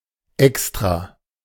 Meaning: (adjective) 1. separate (not included in or directly connected to the object being discussed) 2. special, specially made; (adverb) 1. specifically (for a given purpose) 2. on purpose
- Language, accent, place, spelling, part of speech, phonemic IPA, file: German, Germany, Berlin, extra, adjective / adverb, /ˈɛks.tʁa/, De-extra.ogg